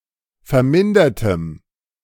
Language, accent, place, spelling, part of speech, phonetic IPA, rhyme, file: German, Germany, Berlin, vermindertem, adjective, [fɛɐ̯ˈmɪndɐtəm], -ɪndɐtəm, De-vermindertem.ogg
- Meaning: strong dative masculine/neuter singular of vermindert